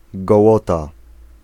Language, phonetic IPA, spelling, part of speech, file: Polish, [ɡɔˈwɔta], gołota, noun, Pl-gołota.ogg